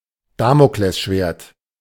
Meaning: sword of Damocles (thing or situation which causes a prolonged state of impending doom or misfortune)
- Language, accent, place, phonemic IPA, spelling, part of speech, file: German, Germany, Berlin, /ˈdaːmoklɛsˌʃveːɐ̯t/, Damoklesschwert, noun, De-Damoklesschwert.ogg